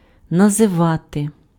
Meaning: to name, to call
- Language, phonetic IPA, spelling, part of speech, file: Ukrainian, [nɐzeˈʋate], називати, verb, Uk-називати.ogg